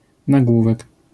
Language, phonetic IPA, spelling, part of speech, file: Polish, [naˈɡwuvɛk], nagłówek, noun, LL-Q809 (pol)-nagłówek.wav